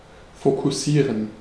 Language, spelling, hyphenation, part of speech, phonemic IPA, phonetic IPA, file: German, fokussieren, fo‧kus‧sie‧ren, verb, /fokʊˈsiːʁən/, [fokʰʊˈsiːɐ̯n], De-fokussieren.ogg
- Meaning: 1. to focus (cause (rays of light, etc) to converge at a single point; adjust (a lens, an optical instrument)) 2. to focus (concentrate one's attention)